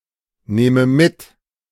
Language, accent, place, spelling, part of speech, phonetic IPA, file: German, Germany, Berlin, nehme mit, verb, [ˌneːmə ˈmɪt], De-nehme mit.ogg
- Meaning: inflection of mitnehmen: 1. first-person singular present 2. first/third-person singular subjunctive I